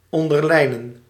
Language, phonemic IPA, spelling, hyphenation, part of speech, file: Dutch, /ˌɔn.dərˈlɛi̯.nə(n)/, onderlijnen, on‧der‧lij‧nen, verb, Nl-onderlijnen.ogg
- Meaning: to underline, to underscore